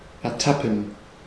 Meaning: to catch (someone in an act of wrongdoing)
- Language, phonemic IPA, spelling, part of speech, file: German, /ɛɐ̯ˈtapn̩/, ertappen, verb, De-ertappen.ogg